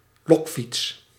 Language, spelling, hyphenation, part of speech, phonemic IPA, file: Dutch, lokfiets, lok‧fiets, noun, /ˈlɔk.fits/, Nl-lokfiets.ogg
- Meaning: a bicycle used by law enforcement to lure bicycle thieves